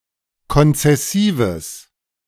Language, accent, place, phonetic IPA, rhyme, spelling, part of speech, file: German, Germany, Berlin, [kɔnt͡sɛˈsiːvəs], -iːvəs, konzessives, adjective, De-konzessives.ogg
- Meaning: strong/mixed nominative/accusative neuter singular of konzessiv